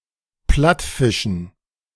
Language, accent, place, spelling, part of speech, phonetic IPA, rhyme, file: German, Germany, Berlin, Plattfischen, noun, [ˈplatˌfɪʃn̩], -atfɪʃn̩, De-Plattfischen.ogg
- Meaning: dative plural of Plattfisch